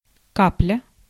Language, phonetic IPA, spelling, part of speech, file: Russian, [ˈkaplʲə], капля, noun / verb, Ru-капля.ogg
- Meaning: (noun) 1. drop 2. bit; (verb) present adverbial imperfective participle of ка́пать (kápatʹ)